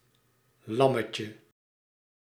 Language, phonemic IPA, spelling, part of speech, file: Dutch, /ˈlɑməcə/, lammetje, noun, Nl-lammetje.ogg
- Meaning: diminutive of lam